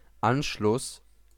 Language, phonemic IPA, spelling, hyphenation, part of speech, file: German, /ˈanʃlʊs/, Anschluss, An‧schluss, noun, De-Anschluss.ogg
- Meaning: 1. connection, joining 2. annexation 3. Anschluss 4. contact